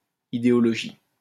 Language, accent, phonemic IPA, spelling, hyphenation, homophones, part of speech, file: French, France, /i.de.ɔ.lɔ.ʒi/, idéologie, i‧dé‧o‧lo‧gie, idéologies, noun, LL-Q150 (fra)-idéologie.wav
- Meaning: ideology